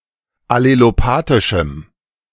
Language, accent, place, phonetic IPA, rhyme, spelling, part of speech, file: German, Germany, Berlin, [aleloˈpaːtɪʃm̩], -aːtɪʃm̩, allelopathischem, adjective, De-allelopathischem.ogg
- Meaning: strong dative masculine/neuter singular of allelopathisch